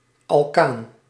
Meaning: alkane
- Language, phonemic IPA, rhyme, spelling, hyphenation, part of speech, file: Dutch, /ɑlˈkaːn/, -aːn, alkaan, al‧kaan, noun, Nl-alkaan.ogg